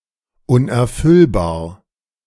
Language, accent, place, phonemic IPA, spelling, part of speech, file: German, Germany, Berlin, /ˌʊnʔɛɐ̯ˈfʏlbaːɐ̯/, unerfüllbar, adjective, De-unerfüllbar.ogg
- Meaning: unattainable, unrealizable, infeasible